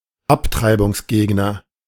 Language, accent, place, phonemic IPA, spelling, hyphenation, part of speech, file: German, Germany, Berlin, /ˈaptʁaɪ̯bʊŋsˌɡeːɡnɐ/, Abtreibungsgegner, Ab‧trei‧bungs‧geg‧ner, noun, De-Abtreibungsgegner.ogg
- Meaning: pro-lifer, pro-life advocate, pro-life supporter (male or unspecified gender)